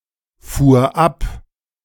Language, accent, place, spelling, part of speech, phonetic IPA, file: German, Germany, Berlin, fuhr ab, verb, [ˌfuːɐ̯ ˈap], De-fuhr ab.ogg
- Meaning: first/third-person singular preterite of abfahren